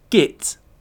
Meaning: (noun) A silly, incompetent, stupid, or annoying person (usually a man); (verb) Pronunciation spelling of get; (interjection) Shoot! go away! (used to usher something away, chiefly towards an animal)
- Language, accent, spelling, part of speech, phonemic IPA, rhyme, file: English, Received Pronunciation, git, noun / verb / interjection / proper noun, /ɡɪt/, -ɪt, En-uk-git.ogg